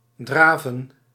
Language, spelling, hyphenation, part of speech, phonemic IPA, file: Dutch, draven, dra‧ven, verb, /ˈdraː.və(n)/, Nl-draven.ogg
- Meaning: 1. to trot 2. to jog, to run fast